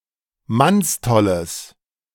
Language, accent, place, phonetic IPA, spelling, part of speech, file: German, Germany, Berlin, [ˈmansˌtɔləs], mannstolles, adjective, De-mannstolles.ogg
- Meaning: strong/mixed nominative/accusative neuter singular of mannstoll